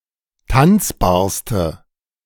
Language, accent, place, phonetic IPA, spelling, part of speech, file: German, Germany, Berlin, [ˈtant͡sbaːɐ̯stə], tanzbarste, adjective, De-tanzbarste.ogg
- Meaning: inflection of tanzbar: 1. strong/mixed nominative/accusative feminine singular superlative degree 2. strong nominative/accusative plural superlative degree